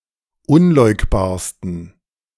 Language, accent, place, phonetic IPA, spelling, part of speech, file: German, Germany, Berlin, [ˈʊnˌlɔɪ̯kbaːɐ̯stn̩], unleugbarsten, adjective, De-unleugbarsten.ogg
- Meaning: 1. superlative degree of unleugbar 2. inflection of unleugbar: strong genitive masculine/neuter singular superlative degree